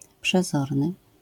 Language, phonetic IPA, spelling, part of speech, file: Polish, [pʃɛˈzɔrnɨ], przezorny, adjective / noun, LL-Q809 (pol)-przezorny.wav